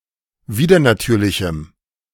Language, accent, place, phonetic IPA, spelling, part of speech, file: German, Germany, Berlin, [ˈviːdɐnaˌtyːɐ̯lɪçm̩], widernatürlichem, adjective, De-widernatürlichem.ogg
- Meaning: strong dative masculine/neuter singular of widernatürlich